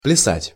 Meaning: 1. to dance, to esp. to do folk dancing 2. to caper, to hop
- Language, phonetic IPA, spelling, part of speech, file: Russian, [plʲɪˈsatʲ], плясать, verb, Ru-плясать.ogg